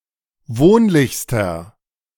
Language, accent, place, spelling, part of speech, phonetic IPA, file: German, Germany, Berlin, wohnlichster, adjective, [ˈvoːnlɪçstɐ], De-wohnlichster.ogg
- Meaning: inflection of wohnlich: 1. strong/mixed nominative masculine singular superlative degree 2. strong genitive/dative feminine singular superlative degree 3. strong genitive plural superlative degree